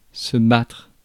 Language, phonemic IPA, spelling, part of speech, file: French, /batʁ/, battre, verb, Fr-battre.ogg
- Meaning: 1. to beat; to defeat 2. to beat up 3. to fight 4. to whisk or whip (eggs) 5. to thresh 6. to shuffle